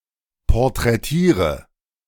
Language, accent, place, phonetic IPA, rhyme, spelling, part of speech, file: German, Germany, Berlin, [pɔʁtʁɛˈtiːʁə], -iːʁə, porträtiere, verb, De-porträtiere.ogg
- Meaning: inflection of porträtieren: 1. first-person singular present 2. singular imperative 3. first/third-person singular subjunctive I